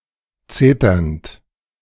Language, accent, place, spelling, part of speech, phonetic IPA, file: German, Germany, Berlin, zeternd, verb, [ˈt͡seːtɐnt], De-zeternd.ogg
- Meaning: present participle of zetern